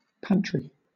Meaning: 1. A small room, closet, or cabinet usually located in or near the kitchen, dedicated to shelf-stable food storage or storing kitchenware, like a larder, but smaller 2. A break room
- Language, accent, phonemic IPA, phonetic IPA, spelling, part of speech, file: English, Southern England, /ˈpantɹi/, [ˈpant(ʰ)ɹ̥i], pantry, noun, LL-Q1860 (eng)-pantry.wav